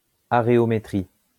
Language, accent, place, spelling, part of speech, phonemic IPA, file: French, France, Lyon, aréométrie, noun, /a.ʁe.ɔ.me.tʁi/, LL-Q150 (fra)-aréométrie.wav
- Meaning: areometry